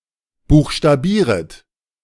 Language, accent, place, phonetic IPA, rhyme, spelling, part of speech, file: German, Germany, Berlin, [ˌbuːxʃtaˈbiːʁət], -iːʁət, buchstabieret, verb, De-buchstabieret.ogg
- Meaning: second-person plural subjunctive I of buchstabieren